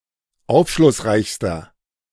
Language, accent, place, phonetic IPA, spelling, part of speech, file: German, Germany, Berlin, [ˈaʊ̯fʃlʊsˌʁaɪ̯çstɐ], aufschlussreichster, adjective, De-aufschlussreichster.ogg
- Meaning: inflection of aufschlussreich: 1. strong/mixed nominative masculine singular superlative degree 2. strong genitive/dative feminine singular superlative degree